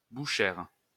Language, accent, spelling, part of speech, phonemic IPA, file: French, France, bouchère, noun, /bu.ʃɛʁ/, LL-Q150 (fra)-bouchère.wav
- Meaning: 1. female equivalent of boucher (“butcher”) 2. butcher's wife